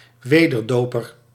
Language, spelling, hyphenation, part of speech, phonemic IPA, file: Dutch, wederdoper, we‧der‧do‧per, noun, /ˈʋeː.dərˌdoː.pər/, Nl-wederdoper.ogg
- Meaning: Anabaptist